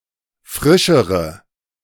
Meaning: inflection of frisch: 1. strong/mixed nominative/accusative feminine singular comparative degree 2. strong nominative/accusative plural comparative degree
- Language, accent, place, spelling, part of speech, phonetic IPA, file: German, Germany, Berlin, frischere, adjective, [ˈfʁɪʃəʁə], De-frischere.ogg